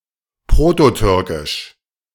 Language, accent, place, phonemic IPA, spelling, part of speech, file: German, Germany, Berlin, /ˈpʁotoˌtʏʁkɪʃ/, prototürkisch, adjective, De-prototürkisch.ogg
- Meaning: Proto-Turkic